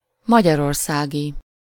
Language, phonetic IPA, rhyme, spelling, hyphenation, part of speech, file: Hungarian, [ˈmɒɟɒrorsaːɡi], -ɡi, magyarországi, ma‧gyar‧or‧szá‧gi, adjective / noun, Hu-magyarországi.ogg
- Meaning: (adjective) in, of, from, or to Hungary (designating the location only, without reference to ethnicity or nationality); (noun) A person living in or originating from Hungary